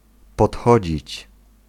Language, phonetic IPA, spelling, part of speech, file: Polish, [pɔtˈxɔd͡ʑit͡ɕ], podchodzić, verb, Pl-podchodzić.ogg